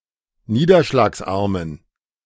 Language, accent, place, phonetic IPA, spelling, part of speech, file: German, Germany, Berlin, [ˈniːdɐʃlaːksˌʔaʁmən], niederschlagsarmen, adjective, De-niederschlagsarmen.ogg
- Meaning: inflection of niederschlagsarm: 1. strong genitive masculine/neuter singular 2. weak/mixed genitive/dative all-gender singular 3. strong/weak/mixed accusative masculine singular